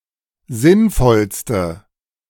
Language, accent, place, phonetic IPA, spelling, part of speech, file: German, Germany, Berlin, [ˈzɪnˌfɔlstə], sinnvollste, adjective, De-sinnvollste.ogg
- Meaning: inflection of sinnvoll: 1. strong/mixed nominative/accusative feminine singular superlative degree 2. strong nominative/accusative plural superlative degree